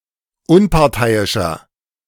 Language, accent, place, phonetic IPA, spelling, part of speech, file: German, Germany, Berlin, [ˈʊnpaʁˌtaɪ̯ɪʃɐ], unparteiischer, adjective, De-unparteiischer.ogg
- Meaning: 1. comparative degree of unparteiisch 2. inflection of unparteiisch: strong/mixed nominative masculine singular 3. inflection of unparteiisch: strong genitive/dative feminine singular